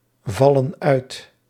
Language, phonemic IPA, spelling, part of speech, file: Dutch, /ˈvɑlə(n) ˈœyt/, vallen uit, verb, Nl-vallen uit.ogg
- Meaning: inflection of uitvallen: 1. plural present indicative 2. plural present subjunctive